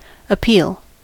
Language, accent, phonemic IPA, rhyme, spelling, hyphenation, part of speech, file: English, US, /əˈpiːl/, -iːl, appeal, ap‧peal, noun / verb, En-us-appeal.ogg
- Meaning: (noun) An application to a superior court or judge for a decision or order by an inferior court or judge to be reviewed and overturned